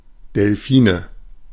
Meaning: nominative/accusative/genitive plural of Delfin
- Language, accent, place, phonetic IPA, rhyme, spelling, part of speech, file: German, Germany, Berlin, [dɛlˈfiːnə], -iːnə, Delfine, noun, De-Delfine.ogg